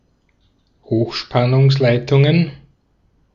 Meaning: plural of Hochspannungsleitung
- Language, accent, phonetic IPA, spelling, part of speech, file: German, Austria, [ˈhoːxʃpanʊŋsˌlaɪ̯tʊŋən], Hochspannungsleitungen, noun, De-at-Hochspannungsleitungen.ogg